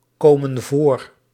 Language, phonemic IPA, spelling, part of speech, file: Dutch, /ˈkomə(n) ˈvor/, komen voor, verb, Nl-komen voor.ogg
- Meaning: inflection of voorkomen (“to exist; to happen”): 1. plural present indicative 2. plural present subjunctive